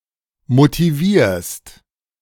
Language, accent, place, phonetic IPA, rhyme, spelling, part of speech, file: German, Germany, Berlin, [motiˈviːɐ̯st], -iːɐ̯st, motivierst, verb, De-motivierst.ogg
- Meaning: second-person singular present of motivieren